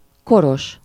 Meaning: elderly, aged (advanced in years)
- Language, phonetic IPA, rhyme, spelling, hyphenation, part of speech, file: Hungarian, [ˈkoroʃ], -oʃ, koros, ko‧ros, adjective, Hu-koros.ogg